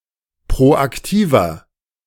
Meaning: 1. comparative degree of proaktiv 2. inflection of proaktiv: strong/mixed nominative masculine singular 3. inflection of proaktiv: strong genitive/dative feminine singular
- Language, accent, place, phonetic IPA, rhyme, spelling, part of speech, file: German, Germany, Berlin, [pʁoʔakˈtiːvɐ], -iːvɐ, proaktiver, adjective, De-proaktiver.ogg